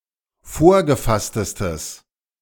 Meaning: strong/mixed nominative/accusative neuter singular superlative degree of vorgefasst
- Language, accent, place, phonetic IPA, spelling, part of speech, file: German, Germany, Berlin, [ˈfoːɐ̯ɡəˌfastəstəs], vorgefasstestes, adjective, De-vorgefasstestes.ogg